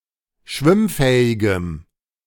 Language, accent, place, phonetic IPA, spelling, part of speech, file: German, Germany, Berlin, [ˈʃvɪmˌfɛːɪɡəm], schwimmfähigem, adjective, De-schwimmfähigem.ogg
- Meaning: strong dative masculine/neuter singular of schwimmfähig